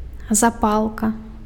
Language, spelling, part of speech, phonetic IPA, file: Belarusian, запалка, noun, [zaˈpaɫka], Be-запалка.ogg
- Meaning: match (a device to make fire)